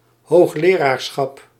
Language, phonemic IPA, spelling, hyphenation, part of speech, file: Dutch, /ˌɦoːxˈleː.raːr.sxɑp/, hoogleraarschap, hoog‧le‧raar‧schap, noun, Nl-hoogleraarschap.ogg
- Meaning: professorship